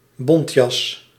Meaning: fur coat
- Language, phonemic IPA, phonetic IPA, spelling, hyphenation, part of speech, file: Dutch, /ˈbɔnt.jɑs/, [ˈbɔn.cɑs], bontjas, bont‧jas, noun, Nl-bontjas.ogg